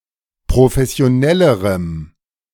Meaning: strong dative masculine/neuter singular comparative degree of professionell
- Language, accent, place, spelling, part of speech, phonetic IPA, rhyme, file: German, Germany, Berlin, professionellerem, adjective, [pʁofɛsi̯oˈnɛləʁəm], -ɛləʁəm, De-professionellerem.ogg